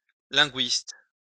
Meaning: linguist (one who studies linguistics)
- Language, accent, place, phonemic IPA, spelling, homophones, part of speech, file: French, France, Lyon, /lɛ̃.ɡɥist/, linguiste, linguistes, noun, LL-Q150 (fra)-linguiste.wav